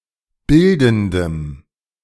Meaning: strong dative masculine/neuter singular of bildend
- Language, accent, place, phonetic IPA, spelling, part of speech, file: German, Germany, Berlin, [ˈbɪldn̩dəm], bildendem, adjective, De-bildendem.ogg